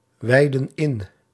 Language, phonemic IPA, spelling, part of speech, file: Dutch, /ˈwɛidə(n) ˈɪn/, wijdden in, verb, Nl-wijdden in.ogg
- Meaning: inflection of inwijden: 1. plural past indicative 2. plural past subjunctive